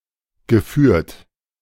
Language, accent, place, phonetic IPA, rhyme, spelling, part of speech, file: German, Germany, Berlin, [ɡəˈfyːɐ̯t], -yːɐ̯t, geführt, verb, De-geführt.ogg
- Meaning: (verb) past participle of führen; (adjective) 1. guided, conducted 2. managed, administered